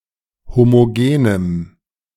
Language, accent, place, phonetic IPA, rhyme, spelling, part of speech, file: German, Germany, Berlin, [ˌhomoˈɡeːnəm], -eːnəm, homogenem, adjective, De-homogenem.ogg
- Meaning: strong dative masculine/neuter singular of homogen